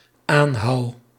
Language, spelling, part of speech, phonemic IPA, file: Dutch, aanhou, verb, /ˈanhɑu/, Nl-aanhou.ogg
- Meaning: first-person singular dependent-clause present indicative of aanhouden